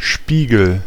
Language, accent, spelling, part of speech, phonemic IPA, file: German, Germany, Spiegel, noun, /ˈʃpiːɡl̩/, De-Spiegel.ogg
- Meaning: mirror (smooth surface, usually made of glass with reflective material painted on the underside, that reflects light)